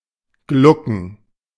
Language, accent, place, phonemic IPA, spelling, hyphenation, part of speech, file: German, Germany, Berlin, /ˈɡlʊkən/, glucken, glu‧cken, verb, De-glucken.ogg
- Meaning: 1. to cluck 2. to brood 3. to sit around together (especially of pairs or groups who do this frequently)